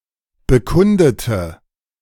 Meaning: inflection of bekunden: 1. first/third-person singular preterite 2. first/third-person singular subjunctive II
- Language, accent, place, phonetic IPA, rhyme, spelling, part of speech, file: German, Germany, Berlin, [bəˈkʊndətə], -ʊndətə, bekundete, adjective / verb, De-bekundete.ogg